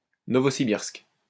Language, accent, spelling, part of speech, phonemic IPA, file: French, France, Novossibirsk, proper noun, /nɔ.vɔ.si.biʁsk/, LL-Q150 (fra)-Novossibirsk.wav
- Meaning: 1. Novosibirsk (an oblast of Russia) 2. Novosibirsk (a city, the administrative center of Novosibirsk Oblast, Russia)